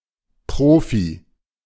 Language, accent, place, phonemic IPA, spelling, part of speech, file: German, Germany, Berlin, /ˈpʁoːfi/, Profi, noun, De-Profi.ogg
- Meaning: 1. pro (professional sports player) 2. pro (expert, one who is very good at something) 3. pro (one who does something for payment, rather than as an amateur)